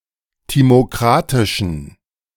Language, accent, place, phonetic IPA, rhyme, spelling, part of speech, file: German, Germany, Berlin, [ˌtimoˈkʁatɪʃn̩], -atɪʃn̩, timokratischen, adjective, De-timokratischen.ogg
- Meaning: inflection of timokratisch: 1. strong genitive masculine/neuter singular 2. weak/mixed genitive/dative all-gender singular 3. strong/weak/mixed accusative masculine singular 4. strong dative plural